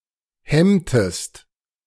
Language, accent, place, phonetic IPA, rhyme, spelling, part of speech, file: German, Germany, Berlin, [ˈhɛmtəst], -ɛmtəst, hemmtest, verb, De-hemmtest.ogg
- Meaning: inflection of hemmen: 1. second-person singular preterite 2. second-person singular subjunctive II